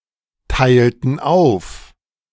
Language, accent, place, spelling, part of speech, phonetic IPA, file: German, Germany, Berlin, teilten auf, verb, [ˌtaɪ̯ltn̩ ˈaʊ̯f], De-teilten auf.ogg
- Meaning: inflection of aufteilen: 1. first/third-person plural preterite 2. first/third-person plural subjunctive II